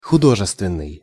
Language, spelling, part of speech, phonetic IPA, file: Russian, художественный, adjective, [xʊˈdoʐɨstvʲɪn(ː)ɨj], Ru-художественный.ogg
- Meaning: art, arts; artistic